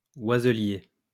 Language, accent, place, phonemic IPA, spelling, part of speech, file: French, France, Lyon, /wa.zə.lje/, oiselier, noun, LL-Q150 (fra)-oiselier.wav
- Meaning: birdseller